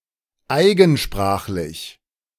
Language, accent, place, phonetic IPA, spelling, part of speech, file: German, Germany, Berlin, [ˈaɪ̯ɡn̩ˌʃpʁaːxlɪç], eigensprachlich, adjective, De-eigensprachlich.ogg
- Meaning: in one's own language